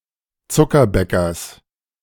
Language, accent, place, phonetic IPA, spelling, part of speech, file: German, Germany, Berlin, [ˈt͡sʊkɐˌbɛkɐs], Zuckerbäckers, noun, De-Zuckerbäckers.ogg
- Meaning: genitive singular of Zuckerbäcker